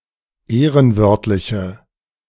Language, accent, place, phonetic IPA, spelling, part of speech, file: German, Germany, Berlin, [ˈeːʁənˌvœʁtlɪçə], ehrenwörtliche, adjective, De-ehrenwörtliche.ogg
- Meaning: inflection of ehrenwörtlich: 1. strong/mixed nominative/accusative feminine singular 2. strong nominative/accusative plural 3. weak nominative all-gender singular